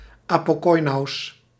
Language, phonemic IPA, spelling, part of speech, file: Dutch, /apoˈkɔjnus/, apokoinous, noun, Nl-apokoinous.ogg
- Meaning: plural of apokoinou